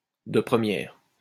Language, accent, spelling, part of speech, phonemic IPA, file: French, France, de première, adjective, /də pʁə.mjɛʁ/, LL-Q150 (fra)-de première.wav
- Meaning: bigtime, total